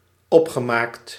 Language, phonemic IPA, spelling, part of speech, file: Dutch, /ˈɔpxəˌmakt/, opgemaakt, verb, Nl-opgemaakt.ogg
- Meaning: past participle of opmaken